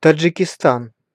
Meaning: Tajikistan (a country in Central Asia)
- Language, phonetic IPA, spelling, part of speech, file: Russian, [təd͡ʐʐɨkʲɪˈstan], Таджикистан, proper noun, Ru-Таджикистан.ogg